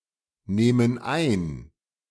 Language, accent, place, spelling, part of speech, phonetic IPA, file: German, Germany, Berlin, nehmen ein, verb, [ˌneːmən ˈaɪ̯n], De-nehmen ein.ogg
- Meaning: inflection of einnehmen: 1. first/third-person plural present 2. first/third-person plural subjunctive I